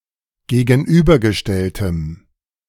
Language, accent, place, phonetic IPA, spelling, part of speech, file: German, Germany, Berlin, [ɡeːɡn̩ˈʔyːbɐɡəˌʃtɛltəm], gegenübergestelltem, adjective, De-gegenübergestelltem.ogg
- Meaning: strong dative masculine/neuter singular of gegenübergestellt